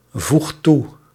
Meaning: inflection of toevoegen: 1. second/third-person singular present indicative 2. plural imperative
- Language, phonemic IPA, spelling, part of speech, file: Dutch, /ˈvuxt ˈtu/, voegt toe, verb, Nl-voegt toe.ogg